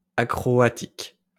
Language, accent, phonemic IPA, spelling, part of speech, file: French, France, /a.kʁɔ.a.tik/, acroatique, adjective, LL-Q150 (fra)-acroatique.wav
- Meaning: acroatic